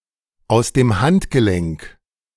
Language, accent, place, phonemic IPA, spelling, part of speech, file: German, Germany, Berlin, /aʊ̯s deːm ˈhantɡəlɛŋk/, aus dem Handgelenk, prepositional phrase, De-aus dem Handgelenk.ogg
- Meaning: without much effort or preparation